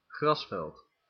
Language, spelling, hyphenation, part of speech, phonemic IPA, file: Dutch, grasveld, gras‧veld, noun, /ˈɣrɑsvɛlt/, Nl-grasveld.ogg
- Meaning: field, lawn